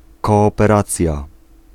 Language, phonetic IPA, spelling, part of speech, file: Polish, [ˌkɔːpɛˈrat͡sʲja], kooperacja, noun, Pl-kooperacja.ogg